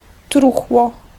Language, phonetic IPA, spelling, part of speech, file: Polish, [ˈtruxwɔ], truchło, noun, Pl-truchło.ogg